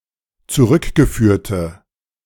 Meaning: inflection of zurückgeführt: 1. strong/mixed nominative/accusative feminine singular 2. strong nominative/accusative plural 3. weak nominative all-gender singular
- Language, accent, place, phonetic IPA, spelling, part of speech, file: German, Germany, Berlin, [t͡suˈʁʏkɡəˌfyːɐ̯tə], zurückgeführte, adjective, De-zurückgeführte.ogg